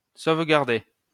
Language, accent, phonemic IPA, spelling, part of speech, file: French, France, /sov.ɡaʁ.de/, sauvegarder, verb, LL-Q150 (fra)-sauvegarder.wav
- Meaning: 1. to safeguard; to protect 2. to preserve, to keep intact 3. to save 4. to back up